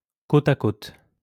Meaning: side by side, cheek by jowl
- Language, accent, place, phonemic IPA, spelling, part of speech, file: French, France, Lyon, /ko.t‿a kot/, côte à côte, adverb, LL-Q150 (fra)-côte à côte.wav